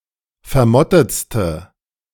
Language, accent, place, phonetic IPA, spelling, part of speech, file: German, Germany, Berlin, [fɛɐ̯ˈmɔtət͡stə], vermottetste, adjective, De-vermottetste.ogg
- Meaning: inflection of vermottet: 1. strong/mixed nominative/accusative feminine singular superlative degree 2. strong nominative/accusative plural superlative degree